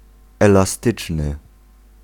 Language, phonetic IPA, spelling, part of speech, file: Polish, [ˌɛlaˈstɨt͡ʃnɨ], elastyczny, adjective, Pl-elastyczny.ogg